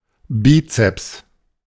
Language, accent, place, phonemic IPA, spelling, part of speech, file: German, Germany, Berlin, /ˈbiːtsɛps/, Bizeps, noun, De-Bizeps.ogg
- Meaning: biceps